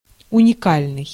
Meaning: unique
- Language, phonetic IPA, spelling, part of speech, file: Russian, [ʊnʲɪˈkalʲnɨj], уникальный, adjective, Ru-уникальный.ogg